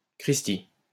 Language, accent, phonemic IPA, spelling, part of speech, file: French, France, /kʁis.ti/, cristi, interjection, LL-Q150 (fra)-cristi.wav
- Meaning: alternative form of sacristi